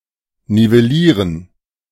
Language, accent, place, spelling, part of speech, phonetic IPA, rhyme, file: German, Germany, Berlin, nivellieren, verb, [nivɛˈliːʁən], -iːʁən, De-nivellieren.ogg
- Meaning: to level